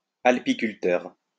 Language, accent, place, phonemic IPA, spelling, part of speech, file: French, France, Lyon, /al.pi.kyl.tœʁ/, alpiculteur, noun, LL-Q150 (fra)-alpiculteur.wav
- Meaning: alpine farmer